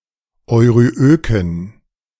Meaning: inflection of euryök: 1. strong genitive masculine/neuter singular 2. weak/mixed genitive/dative all-gender singular 3. strong/weak/mixed accusative masculine singular 4. strong dative plural
- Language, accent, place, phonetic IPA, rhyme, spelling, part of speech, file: German, Germany, Berlin, [ɔɪ̯ʁyˈʔøːkn̩], -øːkn̩, euryöken, adjective, De-euryöken.ogg